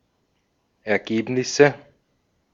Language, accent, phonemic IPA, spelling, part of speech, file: German, Austria, /ɛɐ̯ˈɡeːpnɪsə/, Ergebnisse, noun, De-at-Ergebnisse.ogg
- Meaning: nominative/accusative/genitive plural of Ergebnis